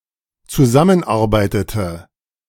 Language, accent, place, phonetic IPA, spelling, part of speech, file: German, Germany, Berlin, [t͡suˈzamənˌʔaʁbaɪ̯tətə], zusammenarbeitete, verb, De-zusammenarbeitete.ogg
- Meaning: inflection of zusammenarbeiten: 1. first/third-person singular dependent preterite 2. first/third-person singular dependent subjunctive II